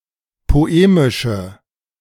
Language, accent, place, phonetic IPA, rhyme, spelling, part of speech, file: German, Germany, Berlin, [poˈeːmɪʃə], -eːmɪʃə, poemische, adjective, De-poemische.ogg
- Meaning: inflection of poemisch: 1. strong/mixed nominative/accusative feminine singular 2. strong nominative/accusative plural 3. weak nominative all-gender singular